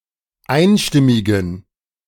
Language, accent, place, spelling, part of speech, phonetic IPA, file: German, Germany, Berlin, einstimmigen, adjective, [ˈaɪ̯nˌʃtɪmɪɡn̩], De-einstimmigen.ogg
- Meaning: inflection of einstimmig: 1. strong genitive masculine/neuter singular 2. weak/mixed genitive/dative all-gender singular 3. strong/weak/mixed accusative masculine singular 4. strong dative plural